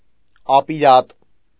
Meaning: 1. wicked, iniquitous 2. unfit, untalented, useless, lousy
- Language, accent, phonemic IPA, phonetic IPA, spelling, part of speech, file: Armenian, Eastern Armenian, /ɑpiˈɾɑt/, [ɑpiɾɑ́t], ապիրատ, adjective, Hy-ապիրատ.ogg